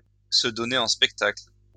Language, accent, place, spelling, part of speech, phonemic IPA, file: French, France, Lyon, se donner en spectacle, verb, /sə dɔ.ne ɑ̃ spɛk.takl/, LL-Q150 (fra)-se donner en spectacle.wav
- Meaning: to make a show of oneself, to make a spectacle of oneself, to make an exhibition of oneself